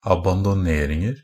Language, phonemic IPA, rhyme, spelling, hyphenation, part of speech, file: Norwegian Bokmål, /abandɔˈneːrɪŋər/, -ər, abandoneringer, ab‧an‧do‧ner‧ing‧er, noun, NB - Pronunciation of Norwegian Bokmål «abandoneringer».ogg
- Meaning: indefinite plural of abandonering